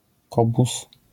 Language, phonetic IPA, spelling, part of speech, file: Polish, [ˈkɔbus], kobuz, noun, LL-Q809 (pol)-kobuz.wav